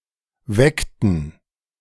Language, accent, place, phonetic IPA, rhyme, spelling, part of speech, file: German, Germany, Berlin, [ˈvɛktn̩], -ɛktn̩, weckten, verb, De-weckten.ogg
- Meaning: inflection of wecken: 1. first/third-person plural preterite 2. first/third-person plural subjunctive II